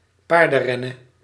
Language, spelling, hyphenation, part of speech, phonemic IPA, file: Dutch, paardenrennen, paar‧den‧ren‧nen, noun, /ˈpaːr.də(n)ˌrɛ.nə(n)/, Nl-paardenrennen.ogg
- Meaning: horse racing, horse race